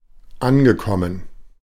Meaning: past participle of ankommen
- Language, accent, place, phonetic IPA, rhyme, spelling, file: German, Germany, Berlin, [ˈanɡəˌkɔmən], -anɡəkɔmən, angekommen, De-angekommen.ogg